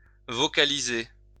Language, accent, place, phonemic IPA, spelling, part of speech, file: French, France, Lyon, /vɔ.ka.li.ze/, vocaliser, verb, LL-Q150 (fra)-vocaliser.wav
- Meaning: to vocalize